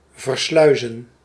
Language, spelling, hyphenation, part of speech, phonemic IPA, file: Dutch, versluizen, ver‧slui‧zen, verb, /vərˈslœy̯.zə(n)/, Nl-versluizen.ogg
- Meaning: to transit, to ship through